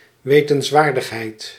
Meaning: interesting piece of information
- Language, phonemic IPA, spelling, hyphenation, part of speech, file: Dutch, /ˈʋeː.tə(n)sˌʋaːr.dəx.ɦɛi̯t/, wetenswaardigheid, we‧tens‧waar‧dig‧heid, noun, Nl-wetenswaardigheid.ogg